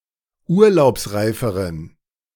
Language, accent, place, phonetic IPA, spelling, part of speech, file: German, Germany, Berlin, [ˈuːɐ̯laʊ̯psˌʁaɪ̯fəʁən], urlaubsreiferen, adjective, De-urlaubsreiferen.ogg
- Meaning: inflection of urlaubsreif: 1. strong genitive masculine/neuter singular comparative degree 2. weak/mixed genitive/dative all-gender singular comparative degree